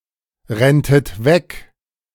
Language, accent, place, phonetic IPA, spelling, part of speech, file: German, Germany, Berlin, [ˌʁɛntət ˈvɛk], renntet weg, verb, De-renntet weg.ogg
- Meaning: second-person plural subjunctive II of wegrennen